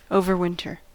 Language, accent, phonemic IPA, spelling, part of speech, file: English, US, /ˌoʊ.vɚˈwɪn.tɚ/, overwinter, verb / adjective / adverb, En-us-overwinter.ogg
- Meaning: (verb) 1. To keep or preserve for the winter 2. To spend the winter (in a particular place); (adjective) Occurring over the winter season; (adverb) During the winter